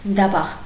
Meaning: 1. tanner 2. foot-and-mouth disease
- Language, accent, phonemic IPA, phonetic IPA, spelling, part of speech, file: Armenian, Eastern Armenian, /dɑˈbɑʁ/, [dɑbɑ́ʁ], դաբաղ, noun, Hy-դաբաղ.ogg